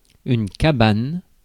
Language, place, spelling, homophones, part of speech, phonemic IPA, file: French, Paris, cabane, cabanes, noun, /ka.ban/, Fr-cabane.ogg
- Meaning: 1. cabin, hut, shack; shed 2. prison 3. bed 4. workshop